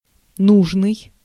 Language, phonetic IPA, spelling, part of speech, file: Russian, [ˈnuʐnɨj], нужный, adjective, Ru-нужный.ogg
- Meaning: 1. necessary, needed 2. right, proper, relevant, appropriate, desired (of certain objects or qualities to achieve a goal)